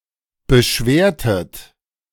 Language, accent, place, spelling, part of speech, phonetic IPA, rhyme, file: German, Germany, Berlin, beschwertet, verb, [bəˈʃveːɐ̯tət], -eːɐ̯tət, De-beschwertet.ogg
- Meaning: inflection of beschweren: 1. second-person plural preterite 2. second-person plural subjunctive II